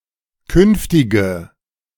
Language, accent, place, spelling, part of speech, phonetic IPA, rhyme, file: German, Germany, Berlin, künftige, adjective, [ˈkʏnftɪɡə], -ʏnftɪɡə, De-künftige.ogg
- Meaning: inflection of künftig: 1. strong/mixed nominative/accusative feminine singular 2. strong nominative/accusative plural 3. weak nominative all-gender singular 4. weak accusative feminine/neuter singular